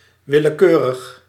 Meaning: 1. arbitrary 2. random
- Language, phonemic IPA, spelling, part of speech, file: Dutch, /ˌwɪləˈkørəx/, willekeurig, adjective, Nl-willekeurig.ogg